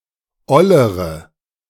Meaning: inflection of oll: 1. strong/mixed nominative/accusative feminine singular comparative degree 2. strong nominative/accusative plural comparative degree
- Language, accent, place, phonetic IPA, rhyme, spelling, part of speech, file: German, Germany, Berlin, [ˈɔləʁə], -ɔləʁə, ollere, adjective, De-ollere.ogg